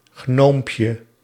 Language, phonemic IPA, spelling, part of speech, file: Dutch, /ˈɣnompjə/, gnoompje, noun, Nl-gnoompje.ogg
- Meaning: diminutive of gnoom